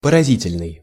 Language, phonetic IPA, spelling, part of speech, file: Russian, [pərɐˈzʲitʲɪlʲnɨj], поразительный, adjective, Ru-поразительный.ogg
- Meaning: amazing, striking, startling, astonishing